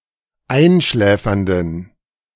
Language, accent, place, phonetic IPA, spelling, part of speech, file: German, Germany, Berlin, [ˈaɪ̯nˌʃlɛːfɐndn̩], einschläfernden, adjective, De-einschläfernden.ogg
- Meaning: inflection of einschläfernd: 1. strong genitive masculine/neuter singular 2. weak/mixed genitive/dative all-gender singular 3. strong/weak/mixed accusative masculine singular 4. strong dative plural